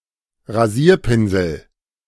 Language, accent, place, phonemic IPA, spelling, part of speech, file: German, Germany, Berlin, /ʁaˈziːɐ̯ˌpɪnzl̩/, Rasierpinsel, noun, De-Rasierpinsel.ogg
- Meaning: shaving brush